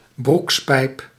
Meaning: trouser leg, pant leg
- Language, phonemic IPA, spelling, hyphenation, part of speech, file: Dutch, /ˈbruks.pɛi̯p/, broekspijp, broeks‧pijp, noun, Nl-broekspijp.ogg